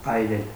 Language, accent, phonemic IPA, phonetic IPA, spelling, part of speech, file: Armenian, Eastern Armenian, /ɑjˈɾel/, [ɑjɾél], այրել, verb, Hy-այրել.ogg
- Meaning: to set on fire; to burn, scorch